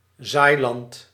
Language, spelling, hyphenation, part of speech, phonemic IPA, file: Dutch, zaailand, zaai‧land, noun, /ˈzaːi̯.lɑnt/, Nl-zaailand.ogg
- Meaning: agricultural land that has been or is intended to be sown